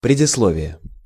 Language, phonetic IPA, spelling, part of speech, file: Russian, [prʲɪdʲɪsˈɫovʲɪje], предисловие, noun, Ru-предисловие.ogg
- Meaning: prologue, foreword, preface, introduction